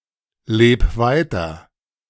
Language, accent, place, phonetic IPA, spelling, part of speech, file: German, Germany, Berlin, [ˌleːp ˈvaɪ̯tɐ], leb weiter, verb, De-leb weiter.ogg
- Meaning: 1. singular imperative of weiterleben 2. first-person singular present of weiterleben